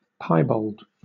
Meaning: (adjective) 1. Spotted or blotched, especially in black and white 2. Of mixed character, heterogeneous; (noun) An animal with piebald coloration
- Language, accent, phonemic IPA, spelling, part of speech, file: English, Southern England, /ˈpaɪ.bɔːld/, piebald, adjective / noun, LL-Q1860 (eng)-piebald.wav